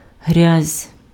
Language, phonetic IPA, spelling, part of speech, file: Ukrainian, [ɦrʲazʲ], грязь, noun, Uk-грязь.ogg
- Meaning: 1. mud 2. dirt 3. therapeutic muds